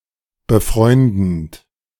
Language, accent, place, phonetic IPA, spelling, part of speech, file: German, Germany, Berlin, [bəˈfʁɔɪ̯ndn̩t], befreundend, verb, De-befreundend.ogg
- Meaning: present participle of befreunden